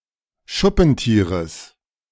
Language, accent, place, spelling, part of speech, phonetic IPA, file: German, Germany, Berlin, Schuppentieres, noun, [ˈʃʊpn̩ˌtiːʁəs], De-Schuppentieres.ogg
- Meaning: genitive singular of Schuppentier